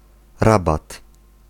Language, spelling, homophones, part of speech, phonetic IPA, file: Polish, rabat, Rabat, noun, [ˈrabat], Pl-rabat.ogg